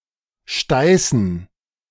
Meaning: dative plural of Steiß
- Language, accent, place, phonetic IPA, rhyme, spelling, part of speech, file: German, Germany, Berlin, [ˈʃtaɪ̯sn̩], -aɪ̯sn̩, Steißen, noun, De-Steißen.ogg